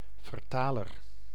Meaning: translator
- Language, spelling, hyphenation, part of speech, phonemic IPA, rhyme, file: Dutch, vertaler, ver‧ta‧ler, noun, /vərˈtaː.lər/, -aːlər, Nl-vertaler.ogg